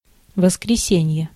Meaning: 1. Sunday 2. alternative form of воскресе́ние (voskresénije, “resurrection”)
- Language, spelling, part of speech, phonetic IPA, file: Russian, воскресенье, noun, [vəskrʲɪˈsʲenʲje], Ru-воскресенье.ogg